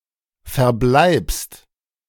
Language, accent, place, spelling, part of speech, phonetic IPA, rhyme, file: German, Germany, Berlin, verbleibst, verb, [fɛɐ̯ˈblaɪ̯pst], -aɪ̯pst, De-verbleibst.ogg
- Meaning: second-person singular present of verbleiben